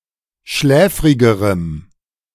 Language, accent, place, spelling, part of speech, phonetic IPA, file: German, Germany, Berlin, schläfrigerem, adjective, [ˈʃlɛːfʁɪɡəʁəm], De-schläfrigerem.ogg
- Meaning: strong dative masculine/neuter singular comparative degree of schläfrig